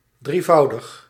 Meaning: triple, threefold
- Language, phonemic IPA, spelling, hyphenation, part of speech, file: Dutch, /ˌdriˈvɑu̯.dəx/, drievoudig, drie‧vou‧dig, adjective, Nl-drievoudig.ogg